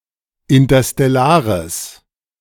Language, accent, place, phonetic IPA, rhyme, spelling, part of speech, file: German, Germany, Berlin, [ɪntɐstɛˈlaːʁəs], -aːʁəs, interstellares, adjective, De-interstellares.ogg
- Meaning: strong/mixed nominative/accusative neuter singular of interstellar